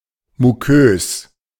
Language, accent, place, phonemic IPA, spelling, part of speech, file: German, Germany, Berlin, /muˈkøːs/, mukös, adjective, De-mukös.ogg
- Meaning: mucous